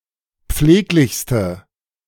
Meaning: inflection of pfleglich: 1. strong/mixed nominative/accusative feminine singular superlative degree 2. strong nominative/accusative plural superlative degree
- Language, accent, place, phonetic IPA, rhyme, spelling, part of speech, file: German, Germany, Berlin, [ˈp͡fleːklɪçstə], -eːklɪçstə, pfleglichste, adjective, De-pfleglichste.ogg